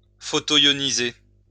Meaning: to photoionize
- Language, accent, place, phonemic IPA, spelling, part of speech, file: French, France, Lyon, /fɔ.to.jɔ.ni.ze/, photoioniser, verb, LL-Q150 (fra)-photoioniser.wav